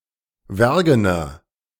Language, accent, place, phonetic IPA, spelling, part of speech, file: German, Germany, Berlin, [ˈvɛʁɡənɐ], wergener, adjective, De-wergener.ogg
- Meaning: inflection of wergen: 1. strong/mixed nominative masculine singular 2. strong genitive/dative feminine singular 3. strong genitive plural